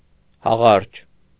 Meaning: currant (shrub of the genus Ribes and its fruit)
- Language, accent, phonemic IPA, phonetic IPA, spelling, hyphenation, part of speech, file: Armenian, Eastern Armenian, /hɑˈʁɑɾd͡ʒ/, [hɑʁɑ́ɾd͡ʒ], հաղարջ, հա‧ղարջ, noun, Hy-հաղարջ.ogg